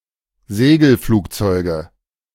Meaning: nominative/accusative/genitive plural of Segelflugzeug
- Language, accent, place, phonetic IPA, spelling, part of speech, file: German, Germany, Berlin, [ˈzeːɡl̩ˌfluːkt͡sɔɪ̯ɡə], Segelflugzeuge, noun, De-Segelflugzeuge.ogg